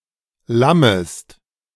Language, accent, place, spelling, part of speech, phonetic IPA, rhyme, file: German, Germany, Berlin, lammest, verb, [ˈlaməst], -aməst, De-lammest.ogg
- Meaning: second-person singular subjunctive I of lammen